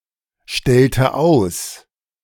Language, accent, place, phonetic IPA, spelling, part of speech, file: German, Germany, Berlin, [ˌʃtɛltə ˈaʊ̯s], stellte aus, verb, De-stellte aus.ogg
- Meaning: inflection of ausstellen: 1. first/third-person singular preterite 2. first/third-person singular subjunctive II